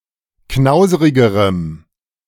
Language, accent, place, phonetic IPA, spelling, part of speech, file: German, Germany, Berlin, [ˈknaʊ̯zəʁɪɡəʁəm], knauserigerem, adjective, De-knauserigerem.ogg
- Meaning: strong dative masculine/neuter singular comparative degree of knauserig